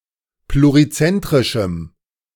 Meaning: strong dative masculine/neuter singular of plurizentrisch
- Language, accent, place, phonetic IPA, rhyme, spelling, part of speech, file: German, Germany, Berlin, [pluʁiˈt͡sɛntʁɪʃm̩], -ɛntʁɪʃm̩, plurizentrischem, adjective, De-plurizentrischem.ogg